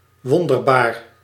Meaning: 1. wonderful 2. marvelous 3. miraculous
- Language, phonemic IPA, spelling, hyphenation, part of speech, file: Dutch, /ˈʋɔn.dər.baːr/, wonderbaar, won‧der‧baar, adjective, Nl-wonderbaar.ogg